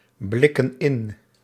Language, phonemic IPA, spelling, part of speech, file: Dutch, /ˈblɪkə(n) ˈɪn/, blikken in, verb, Nl-blikken in.ogg
- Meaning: inflection of inblikken: 1. plural present indicative 2. plural present subjunctive